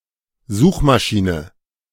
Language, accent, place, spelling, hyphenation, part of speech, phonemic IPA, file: German, Germany, Berlin, Suchmaschine, Such‧ma‧schi‧ne, noun, /ˈzuːxmaˌʃiːnə/, De-Suchmaschine.ogg
- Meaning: search engine